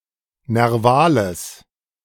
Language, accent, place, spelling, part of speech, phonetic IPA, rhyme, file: German, Germany, Berlin, nervales, adjective, [nɛʁˈvaːləs], -aːləs, De-nervales.ogg
- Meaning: strong/mixed nominative/accusative neuter singular of nerval